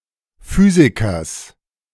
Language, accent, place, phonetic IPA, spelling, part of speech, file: German, Germany, Berlin, [ˈfyːzɪkɐs], Physikers, noun, De-Physikers.ogg
- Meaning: genitive singular of Physiker